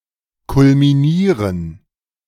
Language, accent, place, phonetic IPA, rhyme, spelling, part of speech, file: German, Germany, Berlin, [kʊlmiˈniːʁən], -iːʁən, kulminieren, verb, De-kulminieren.ogg
- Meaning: 1. to culminate 2. to peak, to culminate